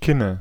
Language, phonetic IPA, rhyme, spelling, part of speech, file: German, [ˈkɪnə], -ɪnə, Kinne, noun, De-Kinne.ogg
- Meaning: nominative/accusative/genitive plural of Kinn